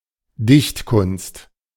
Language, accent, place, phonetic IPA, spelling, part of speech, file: German, Germany, Berlin, [ˈdɪçtˌkʊnst], Dichtkunst, noun, De-Dichtkunst.ogg
- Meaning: 1. poetry (a person's ability to produce an artful piece of literature) 2. poetry (class of literature)